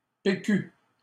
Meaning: alternative form of PQ
- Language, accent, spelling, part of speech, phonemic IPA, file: French, Canada, P. Q., proper noun, /pe.ky/, LL-Q150 (fra)-P. Q..wav